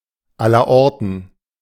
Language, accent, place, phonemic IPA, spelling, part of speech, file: German, Germany, Berlin, /ˈalɐˈʔɔʁtn̩/, allerorten, adverb, De-allerorten.ogg
- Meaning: 1. everywhere 2. everywhere, by everyone (commonly encountered, among many representatives of a given whole, especially of people's behaviors, desires and attitudes)